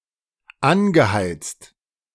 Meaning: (verb) past participle of anheizen; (adjective) 1. heated, warmed 2. heated, heightened, whipped up
- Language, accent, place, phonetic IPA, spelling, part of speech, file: German, Germany, Berlin, [ˈanɡəˌhaɪ̯t͡st], angeheizt, verb, De-angeheizt.ogg